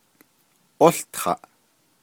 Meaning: 1. he/she is studying 2. he/she is counting 3. he/she is reading 4. he/she is attending school, goes to school
- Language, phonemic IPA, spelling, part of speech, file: Navajo, /ʔóɬtʰɑ̀ʔ/, ółtaʼ, verb, Nv-ółtaʼ.ogg